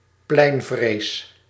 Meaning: agoraphobia
- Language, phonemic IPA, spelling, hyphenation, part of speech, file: Dutch, /ˈplɛi̯n.vreːs/, pleinvrees, plein‧vrees, noun, Nl-pleinvrees.ogg